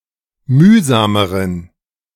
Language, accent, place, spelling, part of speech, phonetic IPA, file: German, Germany, Berlin, mühsameren, adjective, [ˈmyːzaːməʁən], De-mühsameren.ogg
- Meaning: inflection of mühsam: 1. strong genitive masculine/neuter singular comparative degree 2. weak/mixed genitive/dative all-gender singular comparative degree